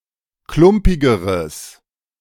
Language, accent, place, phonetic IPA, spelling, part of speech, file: German, Germany, Berlin, [ˈklʊmpɪɡəʁəs], klumpigeres, adjective, De-klumpigeres.ogg
- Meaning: strong/mixed nominative/accusative neuter singular comparative degree of klumpig